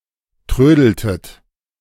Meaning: inflection of trödeln: 1. second-person plural preterite 2. second-person plural subjunctive II
- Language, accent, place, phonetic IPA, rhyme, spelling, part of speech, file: German, Germany, Berlin, [ˈtʁøːdl̩tət], -øːdl̩tət, trödeltet, verb, De-trödeltet.ogg